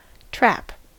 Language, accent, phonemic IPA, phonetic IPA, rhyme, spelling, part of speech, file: English, US, /tɹæp/, [t̠ɹ̠̊˔æp], -æp, trap, noun / verb, En-us-trap.ogg
- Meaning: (noun) A machine or other device designed to catch (and sometimes kill) animals, either by holding them in a container, or by catching hold of part of the body